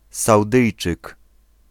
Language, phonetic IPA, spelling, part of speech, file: Polish, [sawˈdɨjt͡ʃɨk], Saudyjczyk, noun, Pl-Saudyjczyk.ogg